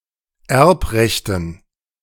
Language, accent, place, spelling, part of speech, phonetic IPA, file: German, Germany, Berlin, Erbrechten, noun, [ˈɛʁpˌʁɛçtn̩], De-Erbrechten.ogg
- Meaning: dative plural of Erbrecht